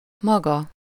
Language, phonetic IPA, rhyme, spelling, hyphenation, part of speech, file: Hungarian, [ˈmɒɡɒ], -ɡɒ, maga, ma‧ga, pronoun, Hu-maga.ogg
- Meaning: 1. you (formal, singular) 2. oneself, himself, herself, itself